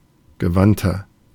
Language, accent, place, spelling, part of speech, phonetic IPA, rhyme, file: German, Germany, Berlin, gewandter, adjective, [ɡəˈvantɐ], -antɐ, De-gewandter.ogg
- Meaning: 1. comparative degree of gewandt 2. inflection of gewandt: strong/mixed nominative masculine singular 3. inflection of gewandt: strong genitive/dative feminine singular